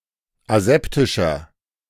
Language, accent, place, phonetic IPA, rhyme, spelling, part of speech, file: German, Germany, Berlin, [aˈzɛptɪʃɐ], -ɛptɪʃɐ, aseptischer, adjective, De-aseptischer.ogg
- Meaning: 1. comparative degree of aseptisch 2. inflection of aseptisch: strong/mixed nominative masculine singular 3. inflection of aseptisch: strong genitive/dative feminine singular